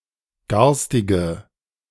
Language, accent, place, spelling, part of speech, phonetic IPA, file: German, Germany, Berlin, garstige, adjective, [ˈɡaʁstɪɡə], De-garstige.ogg
- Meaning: inflection of garstig: 1. strong/mixed nominative/accusative feminine singular 2. strong nominative/accusative plural 3. weak nominative all-gender singular 4. weak accusative feminine/neuter singular